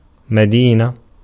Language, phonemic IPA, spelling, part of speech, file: Arabic, /ma.diː.na/, مدينة, noun, Ar-مدينة.ogg
- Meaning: 1. town, city 2. jurisdiction